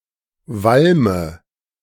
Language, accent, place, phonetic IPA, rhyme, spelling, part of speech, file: German, Germany, Berlin, [ˈvalmə], -almə, Walme, noun, De-Walme.ogg
- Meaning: 1. nominative/accusative/genitive plural of Walm 2. dative of Walm